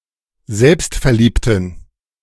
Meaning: inflection of selbstverliebt: 1. strong genitive masculine/neuter singular 2. weak/mixed genitive/dative all-gender singular 3. strong/weak/mixed accusative masculine singular 4. strong dative plural
- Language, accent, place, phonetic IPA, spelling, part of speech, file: German, Germany, Berlin, [ˈzɛlpstfɛɐ̯ˌliːptn̩], selbstverliebten, adjective, De-selbstverliebten.ogg